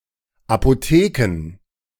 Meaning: plural of Apotheke
- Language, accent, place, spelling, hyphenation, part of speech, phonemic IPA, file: German, Germany, Berlin, Apotheken, Apo‧the‧ken, noun, /apoˈteːkən/, De-Apotheken.ogg